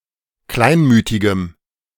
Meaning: strong dative masculine/neuter singular of kleinmütig
- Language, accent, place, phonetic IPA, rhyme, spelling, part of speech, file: German, Germany, Berlin, [ˈklaɪ̯nˌmyːtɪɡəm], -aɪ̯nmyːtɪɡəm, kleinmütigem, adjective, De-kleinmütigem.ogg